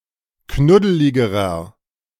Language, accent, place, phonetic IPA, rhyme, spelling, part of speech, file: German, Germany, Berlin, [ˈknʊdəlɪɡəʁɐ], -ʊdəlɪɡəʁɐ, knuddeligerer, adjective, De-knuddeligerer.ogg
- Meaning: inflection of knuddelig: 1. strong/mixed nominative masculine singular comparative degree 2. strong genitive/dative feminine singular comparative degree 3. strong genitive plural comparative degree